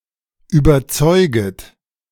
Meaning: second-person plural subjunctive I of überzeugen
- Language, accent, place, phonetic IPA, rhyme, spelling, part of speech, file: German, Germany, Berlin, [yːbɐˈt͡sɔɪ̯ɡət], -ɔɪ̯ɡət, überzeuget, verb, De-überzeuget.ogg